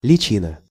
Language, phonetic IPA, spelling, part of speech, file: Russian, [lʲɪˈt͡ɕinə], личина, noun, Ru-личина.ogg
- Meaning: 1. mask 2. pretense, disguise 3. scutcheon, keyplate